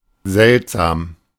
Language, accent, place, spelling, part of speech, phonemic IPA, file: German, Germany, Berlin, seltsam, adjective / adverb, /ˈzɛltˌzaːm/, De-seltsam.ogg
- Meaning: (adjective) 1. strange, weird, odd, funny, curious 2. rare, seldom; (adverb) strangely, weirdly, oddly, curiously